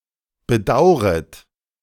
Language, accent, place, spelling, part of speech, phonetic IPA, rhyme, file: German, Germany, Berlin, bedauret, verb, [bəˈdaʊ̯ʁət], -aʊ̯ʁət, De-bedauret.ogg
- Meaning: second-person plural subjunctive I of bedauern